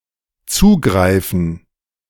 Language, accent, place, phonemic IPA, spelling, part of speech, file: German, Germany, Berlin, /ˈtsuːˌɡʁaɪ̯fən/, zugreifen, verb, De-zugreifen.ogg
- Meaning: 1. to grab, to seize, to snap 2. to serve oneself, to help oneself 3. to access, to read